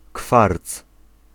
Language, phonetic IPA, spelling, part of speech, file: Polish, [kfart͡s], kwarc, noun, Pl-kwarc.ogg